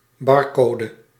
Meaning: barcode
- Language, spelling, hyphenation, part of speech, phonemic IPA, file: Dutch, barcode, bar‧co‧de, noun, /ˈbɑrˌkoː.də/, Nl-barcode.ogg